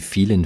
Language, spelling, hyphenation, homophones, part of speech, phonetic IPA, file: German, vielen, vie‧len, fielen, adjective, [ˈfiːlən], De-vielen.ogg
- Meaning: inflection of viel: 1. strong genitive masculine/neuter singular 2. weak/mixed genitive/dative all-gender singular 3. strong/weak/mixed accusative masculine singular 4. strong dative plural